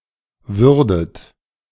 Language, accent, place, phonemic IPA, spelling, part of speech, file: German, Germany, Berlin, /ˈvʏʁdət/, würdet, verb, De-würdet.ogg
- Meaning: second-person plural subjunctive II of werden